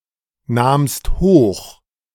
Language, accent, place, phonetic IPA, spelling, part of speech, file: German, Germany, Berlin, [ˌnaːmst ˈhoːx], nahmst hoch, verb, De-nahmst hoch.ogg
- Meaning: second-person singular preterite of hochnehmen